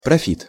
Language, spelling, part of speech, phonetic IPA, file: Russian, профит, noun, [prɐˈfʲit], Ru-профит.ogg
- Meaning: profit, gain, interest